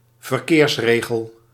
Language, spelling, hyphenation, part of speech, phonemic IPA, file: Dutch, verkeersregel, ver‧keers‧re‧gel, noun, /vərˈkeːrsˌreː.ɣəl/, Nl-verkeersregel.ogg
- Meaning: traffic rule, traffic regulation